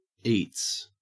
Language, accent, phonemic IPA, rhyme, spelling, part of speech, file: English, Australia, /iːts/, -iːts, eats, verb / noun, En-au-eats.ogg
- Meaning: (verb) third-person singular simple present indicative of eat; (noun) Food